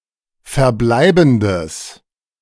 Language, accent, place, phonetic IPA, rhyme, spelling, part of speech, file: German, Germany, Berlin, [fɛɐ̯ˈblaɪ̯bn̩dəs], -aɪ̯bn̩dəs, verbleibendes, adjective, De-verbleibendes.ogg
- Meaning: strong/mixed nominative/accusative neuter singular of verbleibend